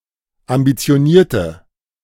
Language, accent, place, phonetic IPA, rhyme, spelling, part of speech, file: German, Germany, Berlin, [ambit͡si̯oˈniːɐ̯tə], -iːɐ̯tə, ambitionierte, adjective, De-ambitionierte.ogg
- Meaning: inflection of ambitioniert: 1. strong/mixed nominative/accusative feminine singular 2. strong nominative/accusative plural 3. weak nominative all-gender singular